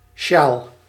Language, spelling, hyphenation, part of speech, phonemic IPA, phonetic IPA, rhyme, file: Dutch, sjaal, sjaal, noun, /ʃaːl/, [ʃaːl], -aːl, Nl-sjaal.ogg
- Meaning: scarf